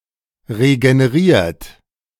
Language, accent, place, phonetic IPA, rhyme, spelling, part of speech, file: German, Germany, Berlin, [ʁeɡəneˈʁiːɐ̯t], -iːɐ̯t, regeneriert, verb, De-regeneriert.ogg
- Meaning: 1. past participle of regenerieren 2. inflection of regenerieren: third-person singular present 3. inflection of regenerieren: second-person plural present